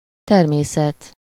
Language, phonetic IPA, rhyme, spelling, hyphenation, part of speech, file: Hungarian, [ˈtɛrmeːsɛt], -ɛt, természet, ter‧mé‧szet, noun, Hu-természet.ogg
- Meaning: 1. nature (environment) 2. nature (essential characteristics)